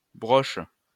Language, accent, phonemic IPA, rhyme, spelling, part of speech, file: French, France, /bʁɔʃ/, -ɔʃ, broche, noun / verb, LL-Q150 (fra)-broche.wav
- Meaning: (noun) 1. brooch, pin 2. spit, skewer 3. spike, peg; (verb) inflection of brocher: 1. first/third-person singular present indicative/subjunctive 2. second-person singular imperative